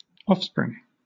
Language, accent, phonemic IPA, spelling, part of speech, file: English, Southern England, /ˈɒfspɹɪŋ/, offspring, noun, LL-Q1860 (eng)-offspring.wav
- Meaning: 1. A person's daughter or son; a person's child 2. Any of a person's descendants, including of further generations 3. An animal or plant's progeny or young